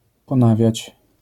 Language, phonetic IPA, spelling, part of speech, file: Polish, [pɔ̃ˈnavʲjät͡ɕ], ponawiać, verb, LL-Q809 (pol)-ponawiać.wav